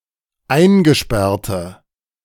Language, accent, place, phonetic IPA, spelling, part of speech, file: German, Germany, Berlin, [ˈaɪ̯nɡəˌʃpɛʁtə], eingesperrte, adjective, De-eingesperrte.ogg
- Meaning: inflection of eingesperrt: 1. strong/mixed nominative/accusative feminine singular 2. strong nominative/accusative plural 3. weak nominative all-gender singular